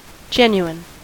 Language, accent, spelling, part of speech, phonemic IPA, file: English, US, genuine, adjective, /ˈd͡ʒɛn.juˌɪn/, En-us-genuine.ogg
- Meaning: 1. Belonging to, or proceeding from the original stock; native 2. Not counterfeit, spurious, false, or adulterated